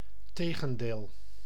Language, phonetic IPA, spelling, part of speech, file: Dutch, [ˈteː.ɣə(n).deːl], tegendeel, noun, Nl-tegendeel.ogg
- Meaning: the contrary